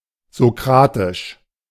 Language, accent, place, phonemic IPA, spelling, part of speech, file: German, Germany, Berlin, /zoˈkʁaːtɪʃ/, sokratisch, adjective, De-sokratisch.ogg
- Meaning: Socratic